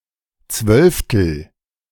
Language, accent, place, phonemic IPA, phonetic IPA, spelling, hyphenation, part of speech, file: German, Germany, Berlin, /ˈt͡svœlftəl/, [ˈt͡sʋœlftl̩], Zwölftel, Zwölf‧tel, noun, De-Zwölftel.ogg
- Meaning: twelfth